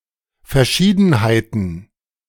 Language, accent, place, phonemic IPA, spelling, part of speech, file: German, Germany, Berlin, /ˌfɛɐ̯ˈʃiːdn̩haɪ̯tn̩/, Verschiedenheiten, noun, De-Verschiedenheiten.ogg
- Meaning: plural of Verschiedenheit